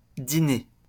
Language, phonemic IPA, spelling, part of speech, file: French, /di.ne/, diner, verb, LL-Q150 (fra)-diner.wav
- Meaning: post-1990 spelling of dîner